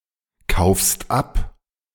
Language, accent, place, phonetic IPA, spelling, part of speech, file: German, Germany, Berlin, [ˌkaʊ̯fst ˈap], kaufst ab, verb, De-kaufst ab.ogg
- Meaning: second-person singular present of abkaufen